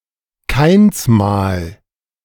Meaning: mark of Cain
- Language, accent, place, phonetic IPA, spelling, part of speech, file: German, Germany, Berlin, [ˈkaɪ̯nsˌmaːl], Kainsmal, noun, De-Kainsmal.ogg